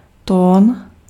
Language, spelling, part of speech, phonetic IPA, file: Czech, tón, noun, [ˈtoːn], Cs-tón.ogg
- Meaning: tone